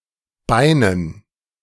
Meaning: dative plural of Bein
- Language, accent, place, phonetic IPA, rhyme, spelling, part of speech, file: German, Germany, Berlin, [ˈbaɪ̯nən], -aɪ̯nən, Beinen, noun, De-Beinen.ogg